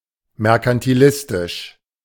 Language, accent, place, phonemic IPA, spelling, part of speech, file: German, Germany, Berlin, /mɛʁkantiˈlɪstɪʃ/, merkantilistisch, adjective, De-merkantilistisch.ogg
- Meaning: mercantilistic